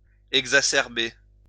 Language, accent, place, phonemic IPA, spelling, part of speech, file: French, France, Lyon, /ɛɡ.za.sɛʁ.be/, exacerber, verb, LL-Q150 (fra)-exacerber.wav
- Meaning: to exacerbate, to worsen